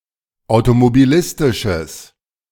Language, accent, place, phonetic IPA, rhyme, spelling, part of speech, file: German, Germany, Berlin, [aʊ̯tomobiˈlɪstɪʃəs], -ɪstɪʃəs, automobilistisches, adjective, De-automobilistisches.ogg
- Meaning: strong/mixed nominative/accusative neuter singular of automobilistisch